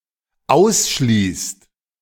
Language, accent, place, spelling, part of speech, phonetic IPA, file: German, Germany, Berlin, ausschließt, verb, [ˈaʊ̯sˌʃliːst], De-ausschließt.ogg
- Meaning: inflection of ausschließen: 1. second/third-person singular dependent present 2. second-person plural dependent present